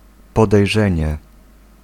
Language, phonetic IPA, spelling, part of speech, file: Polish, [ˌpɔdɛjˈʒɛ̃ɲɛ], podejrzenie, noun, Pl-podejrzenie.ogg